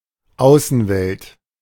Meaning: external world, outer world, outside world
- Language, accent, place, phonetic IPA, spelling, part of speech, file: German, Germany, Berlin, [ˈaʊ̯sn̩ˌvɛlt], Außenwelt, noun, De-Außenwelt.ogg